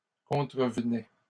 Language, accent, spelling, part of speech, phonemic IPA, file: French, Canada, contrevenaient, verb, /kɔ̃.tʁə.v(ə).nɛ/, LL-Q150 (fra)-contrevenaient.wav
- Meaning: third-person plural imperfect indicative of contrevenir